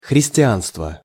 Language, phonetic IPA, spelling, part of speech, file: Russian, [xrʲɪsʲtʲɪˈanstvə], христианство, noun, Ru-христианство.ogg
- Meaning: Christianity